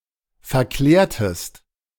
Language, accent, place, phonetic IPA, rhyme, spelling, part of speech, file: German, Germany, Berlin, [fɛɐ̯ˈklɛːɐ̯təst], -ɛːɐ̯təst, verklärtest, verb, De-verklärtest.ogg
- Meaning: inflection of verklären: 1. second-person singular preterite 2. second-person singular subjunctive II